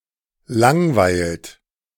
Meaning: inflection of langweilen: 1. second-person plural present 2. third-person singular present 3. plural imperative
- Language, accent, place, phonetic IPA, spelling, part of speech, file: German, Germany, Berlin, [ˈlaŋˌvaɪ̯lt], langweilt, verb, De-langweilt.ogg